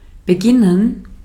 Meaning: 1. to begin; to commence; to be started 2. to start, to begin
- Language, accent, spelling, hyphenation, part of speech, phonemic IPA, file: German, Austria, beginnen, be‧gin‧nen, verb, /bəˈɡɪnən/, De-at-beginnen.ogg